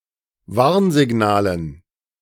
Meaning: dative plural of Warnsignal
- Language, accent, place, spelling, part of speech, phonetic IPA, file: German, Germany, Berlin, Warnsignalen, noun, [ˈvaʁnzɪˌɡnaːlən], De-Warnsignalen.ogg